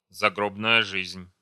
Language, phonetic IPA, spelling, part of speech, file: Russian, [zɐˈɡrobnəjə ˈʐɨzʲnʲ], загробная жизнь, noun, Ru-загробная жизнь.ogg
- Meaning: afterlife (life after death)